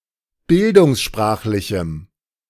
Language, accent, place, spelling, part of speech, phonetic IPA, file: German, Germany, Berlin, bildungssprachlichem, adjective, [ˈbɪldʊŋsˌʃpʁaːxlɪçm̩], De-bildungssprachlichem.ogg
- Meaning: strong dative masculine/neuter singular of bildungssprachlich